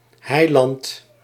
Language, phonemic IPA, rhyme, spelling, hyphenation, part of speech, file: Dutch, /ˈɦɛi̯.lɑnt/, -ɛi̯lɑnt, heiland, hei‧land, noun, Nl-heiland.ogg
- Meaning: savior (North America), saviour (Commonwealth)